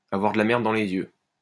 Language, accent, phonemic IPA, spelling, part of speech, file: French, France, /a.vwaʁ də la mɛʁ.d(ə) dɑ̃ le.z‿jø/, avoir de la merde dans les yeux, verb, LL-Q150 (fra)-avoir de la merde dans les yeux.wav
- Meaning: to be fucking blind, to not notice the obvious